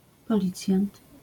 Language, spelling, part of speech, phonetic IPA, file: Polish, policjant, noun, [pɔˈlʲit͡sʲjãnt], LL-Q809 (pol)-policjant.wav